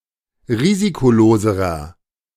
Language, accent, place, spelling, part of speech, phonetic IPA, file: German, Germany, Berlin, risikoloserer, adjective, [ˈʁiːzikoˌloːzəʁɐ], De-risikoloserer.ogg
- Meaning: inflection of risikolos: 1. strong/mixed nominative masculine singular comparative degree 2. strong genitive/dative feminine singular comparative degree 3. strong genitive plural comparative degree